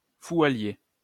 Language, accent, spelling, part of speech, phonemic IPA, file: French, France, fou à lier, adjective, /fu a lje/, LL-Q150 (fra)-fou à lier.wav
- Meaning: stark raving mad, crazy, barking